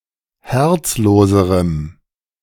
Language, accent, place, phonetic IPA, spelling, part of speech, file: German, Germany, Berlin, [ˈhɛʁt͡sˌloːzəʁəm], herzloserem, adjective, De-herzloserem.ogg
- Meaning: strong dative masculine/neuter singular comparative degree of herzlos